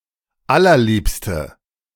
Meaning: inflection of allerliebst: 1. strong/mixed nominative/accusative feminine singular 2. strong nominative/accusative plural 3. weak nominative all-gender singular
- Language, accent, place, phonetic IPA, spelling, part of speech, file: German, Germany, Berlin, [ˈalɐˌliːpstə], allerliebste, adjective, De-allerliebste.ogg